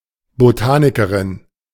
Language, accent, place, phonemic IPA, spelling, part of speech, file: German, Germany, Berlin, /boˈtaːnɪkəʁɪn/, Botanikerin, noun, De-Botanikerin.ogg
- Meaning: botanist (a woman engaged in botany)